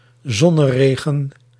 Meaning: 1. a sun shower 2. sunshine, a shower of sunrays
- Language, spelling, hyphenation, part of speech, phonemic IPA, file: Dutch, zonneregen, zon‧ne‧re‧gen, noun, /ˈzɔ.nəˌreː.ɣə(n)/, Nl-zonneregen.ogg